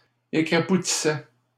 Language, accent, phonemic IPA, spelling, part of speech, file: French, Canada, /e.kʁa.pu.ti.sɛ/, écrapoutissais, verb, LL-Q150 (fra)-écrapoutissais.wav
- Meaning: first/second-person singular imperfect indicative of écrapoutir